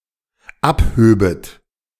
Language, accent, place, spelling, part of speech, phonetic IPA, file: German, Germany, Berlin, abhöbet, verb, [ˈapˌhøːbət], De-abhöbet.ogg
- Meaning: second-person plural dependent subjunctive II of abheben